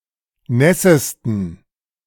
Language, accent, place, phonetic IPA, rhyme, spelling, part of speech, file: German, Germany, Berlin, [ˈnɛsəstn̩], -ɛsəstn̩, nässesten, adjective, De-nässesten.ogg
- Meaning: superlative degree of nass